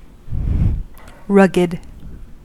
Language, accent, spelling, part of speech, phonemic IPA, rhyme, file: English, US, rugged, adjective, /ˈɹʌɡ.ɪd/, -ʌɡɪd, En-us-rugged.ogg
- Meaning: 1. Broken into sharp or irregular points; uneven; not smooth; rough 2. Not neat or regular; irregular, uneven 3. Rough with bristly hair; shaggy 4. Strong, sturdy, well-built